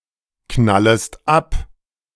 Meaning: second-person singular subjunctive I of abknallen
- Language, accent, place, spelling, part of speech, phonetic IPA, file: German, Germany, Berlin, knallest ab, verb, [ˌknaləst ˈap], De-knallest ab.ogg